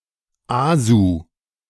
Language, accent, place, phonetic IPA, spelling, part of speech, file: German, Germany, Berlin, [ˈaːzuː], ASU, abbreviation, De-ASU.ogg
- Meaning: abbreviation of Abgassonderuntersuchung (“exhaust emission test”)